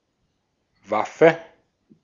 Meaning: weapon, arm
- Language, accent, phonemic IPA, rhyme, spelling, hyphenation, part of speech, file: German, Austria, /ˈvafə/, -afə, Waffe, Waf‧fe, noun, De-at-Waffe.ogg